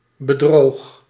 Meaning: singular past indicative of bedriegen
- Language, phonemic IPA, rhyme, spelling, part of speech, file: Dutch, /bəˈdroːx/, -oːx, bedroog, verb, Nl-bedroog.ogg